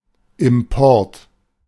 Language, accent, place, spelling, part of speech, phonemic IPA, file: German, Germany, Berlin, Import, noun, /ɪmˈpɔrt/, De-Import.ogg
- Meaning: 1. import (act of importing) 2. import (that which is imported)